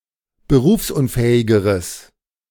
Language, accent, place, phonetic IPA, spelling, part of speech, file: German, Germany, Berlin, [bəˈʁuːfsʔʊnˌfɛːɪɡəʁəs], berufsunfähigeres, adjective, De-berufsunfähigeres.ogg
- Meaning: strong/mixed nominative/accusative neuter singular comparative degree of berufsunfähig